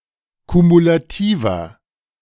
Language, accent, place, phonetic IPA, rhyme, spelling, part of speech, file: German, Germany, Berlin, [kumulaˈtiːvɐ], -iːvɐ, kumulativer, adjective, De-kumulativer.ogg
- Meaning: inflection of kumulativ: 1. strong/mixed nominative masculine singular 2. strong genitive/dative feminine singular 3. strong genitive plural